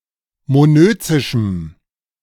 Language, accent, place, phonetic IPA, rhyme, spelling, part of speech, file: German, Germany, Berlin, [moˈnøːt͡sɪʃm̩], -øːt͡sɪʃm̩, monözischem, adjective, De-monözischem.ogg
- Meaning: strong dative masculine/neuter singular of monözisch